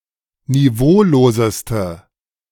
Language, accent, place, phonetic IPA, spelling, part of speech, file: German, Germany, Berlin, [niˈvoːloːzəstə], niveauloseste, adjective, De-niveauloseste.ogg
- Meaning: inflection of niveaulos: 1. strong/mixed nominative/accusative feminine singular superlative degree 2. strong nominative/accusative plural superlative degree